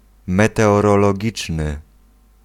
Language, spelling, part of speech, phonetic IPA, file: Polish, meteorologiczny, adjective, [ˌmɛtɛɔrɔlɔˈɟit͡ʃnɨ], Pl-meteorologiczny.ogg